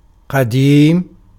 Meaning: 1. old, ancient 2. eternal without beginning
- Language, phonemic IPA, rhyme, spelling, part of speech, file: Arabic, /qa.diːm/, -iːm, قديم, adjective, Ar-قديم.ogg